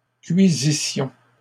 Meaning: first-person plural imperfect subjunctive of cuire
- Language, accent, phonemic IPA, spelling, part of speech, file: French, Canada, /kɥi.zi.sjɔ̃/, cuisissions, verb, LL-Q150 (fra)-cuisissions.wav